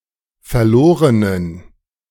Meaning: inflection of verloren: 1. strong genitive masculine/neuter singular 2. weak/mixed genitive/dative all-gender singular 3. strong/weak/mixed accusative masculine singular 4. strong dative plural
- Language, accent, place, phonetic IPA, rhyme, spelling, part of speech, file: German, Germany, Berlin, [fɛɐ̯ˈloːʁənən], -oːʁənən, verlorenen, adjective, De-verlorenen.ogg